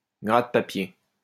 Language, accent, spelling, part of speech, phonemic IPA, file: French, France, gratte-papier, noun, /ɡʁat.pa.pje/, LL-Q150 (fra)-gratte-papier.wav
- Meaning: 1. pencil pusher 2. journo